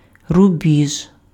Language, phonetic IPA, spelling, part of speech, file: Ukrainian, [rʊˈbʲiʒ], рубіж, noun, Uk-рубіж.ogg
- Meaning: frontier